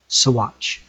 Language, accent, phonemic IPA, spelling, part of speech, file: English, US, /səˈwɑːt͡ʃ/, Saguache, proper noun, En-us-Saguache.ogg
- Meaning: A statutory town, the county seat of Saguache County, Colorado, United States